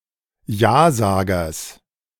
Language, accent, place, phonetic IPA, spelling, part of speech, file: German, Germany, Berlin, [ˈjaːˌzaːɡɐs], Jasagers, noun, De-Jasagers.ogg
- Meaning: genitive singular of Jasager